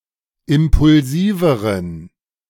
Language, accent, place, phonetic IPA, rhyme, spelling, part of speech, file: German, Germany, Berlin, [ˌɪmpʊlˈziːvəʁən], -iːvəʁən, impulsiveren, adjective, De-impulsiveren.ogg
- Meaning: inflection of impulsiv: 1. strong genitive masculine/neuter singular comparative degree 2. weak/mixed genitive/dative all-gender singular comparative degree